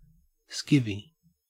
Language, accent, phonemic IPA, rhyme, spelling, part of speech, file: English, Australia, /ˈskɪvi/, -ɪvi, skivvy, noun / verb, En-au-skivvy.ogg
- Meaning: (noun) 1. A female domestic servant, especially one employed for menial work 2. A prostitute 3. A close-fitting, long-sleeved T-shirt with a rolled collar